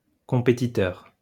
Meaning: competitor, rival
- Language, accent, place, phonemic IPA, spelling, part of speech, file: French, France, Lyon, /kɔ̃.pe.ti.tœʁ/, compétiteur, noun, LL-Q150 (fra)-compétiteur.wav